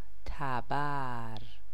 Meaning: hatchet, axe, mattock
- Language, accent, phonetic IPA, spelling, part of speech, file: Persian, Iran, [t̪ʰæ.bǽɹ], تبر, noun, Fa-تبر.ogg